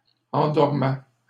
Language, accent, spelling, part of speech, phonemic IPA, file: French, Canada, endormaient, verb, /ɑ̃.dɔʁ.mɛ/, LL-Q150 (fra)-endormaient.wav
- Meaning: third-person plural imperfect indicative of endormir